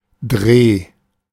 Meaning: 1. nomen vicis of drehen: a turn, spin, twist, a single rotation 2. shooting, filming 3. knack, trick
- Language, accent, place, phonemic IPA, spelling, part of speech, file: German, Germany, Berlin, /dʁeː/, Dreh, noun, De-Dreh.ogg